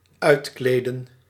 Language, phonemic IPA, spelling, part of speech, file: Dutch, /ˈœytkledə(n)/, uitkleden, verb, Nl-uitkleden.ogg
- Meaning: 1. to undress, divest 2. to undress oneself; to strip